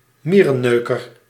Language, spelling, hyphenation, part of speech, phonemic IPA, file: Dutch, mierenneuker, mie‧ren‧neu‧ker, noun, /ˈmiːrənøːkər/, Nl-mierenneuker.ogg
- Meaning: nitpicker